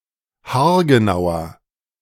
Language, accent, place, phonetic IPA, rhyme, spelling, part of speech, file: German, Germany, Berlin, [haːɐ̯ɡəˈnaʊ̯ɐ], -aʊ̯ɐ, haargenauer, adjective, De-haargenauer.ogg
- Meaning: inflection of haargenau: 1. strong/mixed nominative masculine singular 2. strong genitive/dative feminine singular 3. strong genitive plural